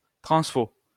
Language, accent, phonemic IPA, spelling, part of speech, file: French, France, /tʁɑ̃s.fo/, transfo, noun, LL-Q150 (fra)-transfo.wav
- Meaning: transformer